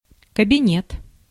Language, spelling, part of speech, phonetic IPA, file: Russian, кабинет, noun, [kəbʲɪˈnʲet], Ru-кабинет.ogg
- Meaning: 1. office (building or room), private office, home office 2. study (room) 3. examination room 4. massage parlor 5. cabinet